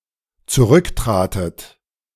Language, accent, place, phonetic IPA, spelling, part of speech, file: German, Germany, Berlin, [t͡suˈʁʏkˌtʁaːtət], zurücktratet, verb, De-zurücktratet.ogg
- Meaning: second-person plural dependent preterite of zurücktreten